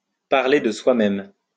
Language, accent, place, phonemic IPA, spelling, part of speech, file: French, France, Lyon, /paʁ.le də swa.mɛm/, parler de soi-même, verb, LL-Q150 (fra)-parler de soi-même.wav
- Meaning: to speak for oneself